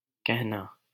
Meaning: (verb) 1. to say 2. to speak 3. to tell; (noun) 1. utterance, remark 2. order, command
- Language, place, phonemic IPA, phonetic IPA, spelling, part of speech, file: Hindi, Delhi, /kəɦ.nɑː/, [kɛʱ.näː], कहना, verb / noun, LL-Q1568 (hin)-कहना.wav